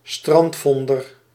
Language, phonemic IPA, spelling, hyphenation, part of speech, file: Dutch, /ˈstrɑntˌfɔn.dər/, strandvonder, strand‧von‧der, noun, Nl-strandvonder.ogg
- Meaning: official responsible for the recovery and lawful return or distribution of stranded objects and vessels within a specified area at or near the shore